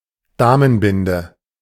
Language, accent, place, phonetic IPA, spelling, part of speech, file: German, Germany, Berlin, [ˈdaːmənˌbɪndə], Damenbinde, noun, De-Damenbinde.ogg
- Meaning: sanitary napkin